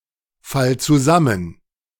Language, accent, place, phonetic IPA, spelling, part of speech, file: German, Germany, Berlin, [ˌfal t͡suˈzamən], fall zusammen, verb, De-fall zusammen.ogg
- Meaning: singular imperative of zusammenfallen